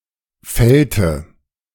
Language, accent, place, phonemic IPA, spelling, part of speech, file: German, Germany, Berlin, /ˈfɛltə/, fällte, verb, De-fällte.ogg
- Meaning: inflection of fällen: 1. first/third-person singular preterite 2. first/third-person singular subjunctive II